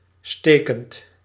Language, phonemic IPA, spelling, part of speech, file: Dutch, /ˈstekənt/, stekend, verb / adjective, Nl-stekend.ogg
- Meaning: present participle of steken